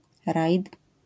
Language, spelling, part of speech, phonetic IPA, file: Polish, rajd, noun, [rajt], LL-Q809 (pol)-rajd.wav